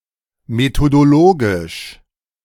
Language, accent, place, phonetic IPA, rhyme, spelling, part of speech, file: German, Germany, Berlin, [metodoˈloːɡɪʃ], -oːɡɪʃ, methodologisch, adjective, De-methodologisch.ogg
- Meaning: methodological